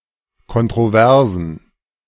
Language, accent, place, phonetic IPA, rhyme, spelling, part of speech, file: German, Germany, Berlin, [ˌkɔntʁoˈvɛʁzn̩], -ɛʁzn̩, Kontroversen, noun, De-Kontroversen.ogg
- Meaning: plural of Kontroverse